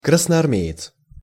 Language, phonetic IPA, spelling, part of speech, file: Russian, [ˌkrasnɐɐrˈmʲe(j)ɪt͡s], красноармеец, noun, Ru-красноармеец.ogg
- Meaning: Red Army man (soldier in the Red Army of the Soviet Union)